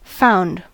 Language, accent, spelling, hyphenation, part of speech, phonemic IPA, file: English, US, found, found, verb / noun, /ˈfaʊ̯nd/, En-us-found.ogg
- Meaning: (verb) simple past and past participle of find; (noun) Food and lodging; board; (verb) 1. To start (an institution or organization) 2. To begin building 3. To use as a foundation; to base